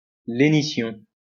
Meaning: lenition (weakening of consonant articulation)
- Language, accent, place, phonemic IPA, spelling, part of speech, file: French, France, Lyon, /le.ni.sjɔ̃/, lénition, noun, LL-Q150 (fra)-lénition.wav